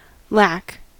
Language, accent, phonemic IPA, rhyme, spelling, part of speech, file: English, General American, /læk/, -æk, lack, noun / verb, En-us-lack.ogg
- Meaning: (noun) 1. A deficiency or need (of something desirable or necessary); an absence, want, dearth 2. A defect or failing; moral or spiritual degeneracy